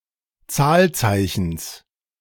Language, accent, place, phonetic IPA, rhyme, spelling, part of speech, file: German, Germany, Berlin, [ˈt͡saːlˌt͡saɪ̯çn̩s], -aːlt͡saɪ̯çn̩s, Zahlzeichens, noun, De-Zahlzeichens.ogg
- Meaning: genitive of Zahlzeichen